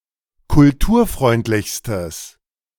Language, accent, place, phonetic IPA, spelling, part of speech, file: German, Germany, Berlin, [kʊlˈtuːɐ̯ˌfʁɔɪ̯ntlɪçstəs], kulturfreundlichstes, adjective, De-kulturfreundlichstes.ogg
- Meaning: strong/mixed nominative/accusative neuter singular superlative degree of kulturfreundlich